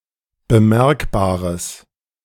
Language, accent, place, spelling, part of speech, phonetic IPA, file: German, Germany, Berlin, bemerkbares, adjective, [bəˈmɛʁkbaːʁəs], De-bemerkbares.ogg
- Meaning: strong/mixed nominative/accusative neuter singular of bemerkbar